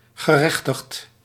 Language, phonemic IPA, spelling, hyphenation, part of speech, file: Dutch, /ɣəˈrɛx.təxt/, gerechtigd, ge‧rech‧tigd, verb / adjective, Nl-gerechtigd.ogg
- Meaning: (verb) past participle of gerechtigen; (adjective) entitled (having a legal right to something)